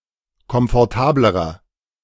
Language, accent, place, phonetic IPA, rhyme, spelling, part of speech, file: German, Germany, Berlin, [kɔmfɔʁˈtaːbləʁɐ], -aːbləʁɐ, komfortablerer, adjective, De-komfortablerer.ogg
- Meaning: inflection of komfortabel: 1. strong/mixed nominative masculine singular comparative degree 2. strong genitive/dative feminine singular comparative degree 3. strong genitive plural comparative degree